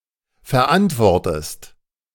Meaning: inflection of verantworten: 1. second-person singular present 2. second-person singular subjunctive I
- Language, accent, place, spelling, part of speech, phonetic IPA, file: German, Germany, Berlin, verantwortest, verb, [fɛɐ̯ˈʔantvɔʁtəst], De-verantwortest.ogg